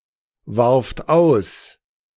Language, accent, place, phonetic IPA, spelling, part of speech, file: German, Germany, Berlin, [ˌvaʁft ˈaʊ̯s], warft aus, verb, De-warft aus.ogg
- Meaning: second-person plural preterite of auswerfen